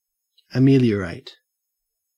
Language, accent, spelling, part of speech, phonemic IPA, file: English, Australia, ameliorate, verb, /əˈmiːli.əɹeɪt/, En-au-ameliorate.ogg
- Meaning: 1. To make better, or improve, something perceived to be in a negative condition 2. To become better; improve